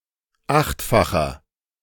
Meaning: inflection of achtfach: 1. strong/mixed nominative masculine singular 2. strong genitive/dative feminine singular 3. strong genitive plural
- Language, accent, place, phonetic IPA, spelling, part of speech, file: German, Germany, Berlin, [ˈaxtfaxɐ], achtfacher, adjective, De-achtfacher.ogg